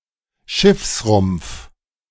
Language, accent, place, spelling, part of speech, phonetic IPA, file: German, Germany, Berlin, Schiffsrumpf, noun, [ˈʃɪfsˌʁʊmp͡f], De-Schiffsrumpf.ogg
- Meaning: 1. hull 2. hulk